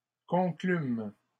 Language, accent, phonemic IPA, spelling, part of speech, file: French, Canada, /kɔ̃.klym/, conclûmes, verb, LL-Q150 (fra)-conclûmes.wav
- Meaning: first-person plural past historic of conclure